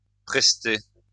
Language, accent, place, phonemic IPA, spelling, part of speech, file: French, France, Lyon, /pʁɛs.te/, prester, verb, LL-Q150 (fra)-prester.wav
- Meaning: to work (a certain amount of time), to provide a service